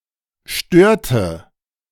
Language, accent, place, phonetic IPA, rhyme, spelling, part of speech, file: German, Germany, Berlin, [ˈʃtøːɐ̯tə], -øːɐ̯tə, störte, verb, De-störte.ogg
- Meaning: inflection of stören: 1. first/third-person singular preterite 2. first/third-person singular subjunctive II